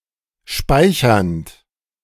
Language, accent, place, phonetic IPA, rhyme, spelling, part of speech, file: German, Germany, Berlin, [ˈʃpaɪ̯çɐnt], -aɪ̯çɐnt, speichernd, verb, De-speichernd.ogg
- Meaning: present participle of speichern